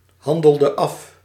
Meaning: inflection of afhandelen: 1. singular past indicative 2. singular past subjunctive
- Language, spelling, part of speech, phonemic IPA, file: Dutch, handelde af, verb, /ˈhɑndəldə ɑf/, Nl-handelde af.ogg